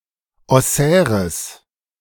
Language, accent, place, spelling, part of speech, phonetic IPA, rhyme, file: German, Germany, Berlin, ossäres, adjective, [ɔˈsɛːʁəs], -ɛːʁəs, De-ossäres.ogg
- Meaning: strong/mixed nominative/accusative neuter singular of ossär